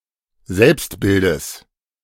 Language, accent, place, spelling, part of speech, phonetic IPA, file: German, Germany, Berlin, Selbstbildes, noun, [ˈzɛlpstˌbɪldəs], De-Selbstbildes.ogg
- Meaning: genitive singular of Selbstbild